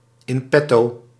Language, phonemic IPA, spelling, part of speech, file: Dutch, /ɪnˈpɛto/, in petto, adverb, Nl-in petto.ogg
- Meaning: in store